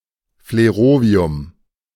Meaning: flerovium
- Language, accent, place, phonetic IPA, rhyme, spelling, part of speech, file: German, Germany, Berlin, [fleˈʁoːvi̯ʊm], -oːvi̯ʊm, Flerovium, noun, De-Flerovium.ogg